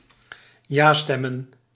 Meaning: plural of ja-stem
- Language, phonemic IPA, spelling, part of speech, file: Dutch, /ˈjastɛmə(n)/, ja-stemmen, noun, Nl-ja-stemmen.ogg